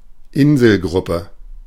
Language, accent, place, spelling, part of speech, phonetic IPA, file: German, Germany, Berlin, Inselgruppe, noun, [ˈɪnzl̩ˌɡʁʊpə], De-Inselgruppe.ogg
- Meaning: archipelago (group of islands)